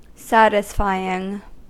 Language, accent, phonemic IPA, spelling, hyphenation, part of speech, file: English, US, /ˈsætɪsfaɪ.ɪŋ/, satisfying, sat‧is‧fy‧ing, adjective / verb, En-us-satisfying.ogg
- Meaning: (adjective) That satisfies, gratifies or pleases; that removes any feeling of lack